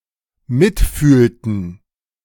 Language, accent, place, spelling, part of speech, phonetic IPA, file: German, Germany, Berlin, mitfühlten, verb, [ˈmɪtˌfyːltn̩], De-mitfühlten.ogg
- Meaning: inflection of mitfühlen: 1. first/third-person plural dependent preterite 2. first/third-person plural dependent subjunctive II